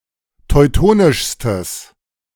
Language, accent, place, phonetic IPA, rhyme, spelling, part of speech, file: German, Germany, Berlin, [tɔɪ̯ˈtoːnɪʃstəs], -oːnɪʃstəs, teutonischstes, adjective, De-teutonischstes.ogg
- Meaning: strong/mixed nominative/accusative neuter singular superlative degree of teutonisch